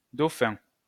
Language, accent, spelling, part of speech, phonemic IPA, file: French, France, Dauphin, proper noun, /do.fɛ̃/, LL-Q150 (fra)-Dauphin.wav
- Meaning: 1. Delphinus 2. Dauphin (a city in Manitoba, Canada) 3. Dauphin (a commune of Alpes-de-Haute-Provence department, Provence-Alpes-Côte d'Azur region, France)